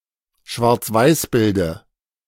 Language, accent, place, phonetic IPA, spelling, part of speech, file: German, Germany, Berlin, [ʃvaʁt͡sˈvaɪ̯sˌbɪldə], Schwarzweißbilde, noun, De-Schwarzweißbilde.ogg
- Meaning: dative of Schwarzweißbild